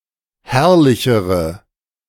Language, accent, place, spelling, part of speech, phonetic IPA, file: German, Germany, Berlin, herrlichere, adjective, [ˈhɛʁlɪçəʁə], De-herrlichere.ogg
- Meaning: inflection of herrlich: 1. strong/mixed nominative/accusative feminine singular comparative degree 2. strong nominative/accusative plural comparative degree